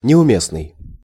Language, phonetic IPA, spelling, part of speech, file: Russian, [nʲɪʊˈmʲesnɨj], неуместный, adjective, Ru-неуместный.ogg
- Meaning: misplaced, inappropriate, out of place, unsuitable, unfitting, irrelevant